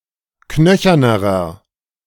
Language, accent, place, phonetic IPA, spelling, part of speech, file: German, Germany, Berlin, [ˈknœçɐnəʁɐ], knöchernerer, adjective, De-knöchernerer.ogg
- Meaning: inflection of knöchern: 1. strong/mixed nominative masculine singular comparative degree 2. strong genitive/dative feminine singular comparative degree 3. strong genitive plural comparative degree